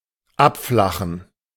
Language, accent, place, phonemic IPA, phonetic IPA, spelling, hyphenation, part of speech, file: German, Germany, Berlin, /ˈapˌflaχən/, [ˈʔapˌflaχn̩], abflachen, ab‧fla‧chen, verb, De-abflachen.ogg
- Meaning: 1. to flatten 2. to flatten out 3. to decrease 4. to go down a level (e.g. of a conversation decreasing in volume)